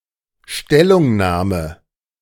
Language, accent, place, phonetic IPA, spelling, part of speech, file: German, Germany, Berlin, [ˈʃtɛlʊŋˌnaːmən], Stellungnahmen, noun, De-Stellungnahmen.ogg
- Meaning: plural of Stellungnahme